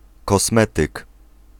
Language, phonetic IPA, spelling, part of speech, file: Polish, [kɔsˈmɛtɨk], kosmetyk, noun, Pl-kosmetyk.ogg